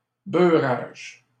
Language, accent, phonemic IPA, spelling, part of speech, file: French, Canada, /bœ.ʁaʒ/, beurrage, noun, LL-Q150 (fra)-beurrage.wav
- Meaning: a buttering, a smearing of butter